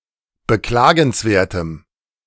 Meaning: strong dative masculine/neuter singular of beklagenswert
- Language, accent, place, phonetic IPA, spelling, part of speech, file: German, Germany, Berlin, [bəˈklaːɡn̩sˌveːɐ̯təm], beklagenswertem, adjective, De-beklagenswertem.ogg